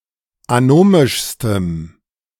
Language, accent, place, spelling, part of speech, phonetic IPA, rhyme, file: German, Germany, Berlin, anomischstem, adjective, [aˈnoːmɪʃstəm], -oːmɪʃstəm, De-anomischstem.ogg
- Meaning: strong dative masculine/neuter singular superlative degree of anomisch